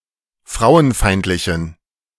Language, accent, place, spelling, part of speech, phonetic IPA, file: German, Germany, Berlin, frauenfeindlichen, adjective, [ˈfʁaʊ̯ənˌfaɪ̯ntlɪçn̩], De-frauenfeindlichen.ogg
- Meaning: inflection of frauenfeindlich: 1. strong genitive masculine/neuter singular 2. weak/mixed genitive/dative all-gender singular 3. strong/weak/mixed accusative masculine singular 4. strong dative plural